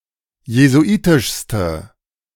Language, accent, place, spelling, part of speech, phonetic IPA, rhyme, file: German, Germany, Berlin, jesuitischste, adjective, [jezuˈʔiːtɪʃstə], -iːtɪʃstə, De-jesuitischste.ogg
- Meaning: inflection of jesuitisch: 1. strong/mixed nominative/accusative feminine singular superlative degree 2. strong nominative/accusative plural superlative degree